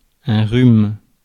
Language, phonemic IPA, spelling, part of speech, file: French, /ʁym/, rhume, noun, Fr-rhume.ogg
- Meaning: cold (illness)